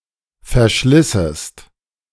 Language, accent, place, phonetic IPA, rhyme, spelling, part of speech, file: German, Germany, Berlin, [fɛɐ̯ˈʃlɪsəst], -ɪsəst, verschlissest, verb, De-verschlissest.ogg
- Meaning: second-person singular subjunctive II of verschleißen